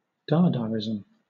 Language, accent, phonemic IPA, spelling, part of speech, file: English, Southern England, /ˈdɑːdɑːɹɪzəm/, dadaism, noun, LL-Q1860 (eng)-dadaism.wav
- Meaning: The cultural movement of Dada